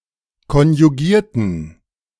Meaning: inflection of konjugieren: 1. first/third-person plural preterite 2. first/third-person plural subjunctive II
- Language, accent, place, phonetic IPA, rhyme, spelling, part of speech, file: German, Germany, Berlin, [kɔnjuˈɡiːɐ̯tn̩], -iːɐ̯tn̩, konjugierten, adjective / verb, De-konjugierten.ogg